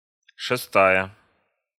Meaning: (adjective) feminine singular nominative of шесто́й (šestój); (noun) sixth (one of six equal parts of a whole)
- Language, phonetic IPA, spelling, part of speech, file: Russian, [ʂɨˈstajə], шестая, adjective / noun, Ru-шестая.ogg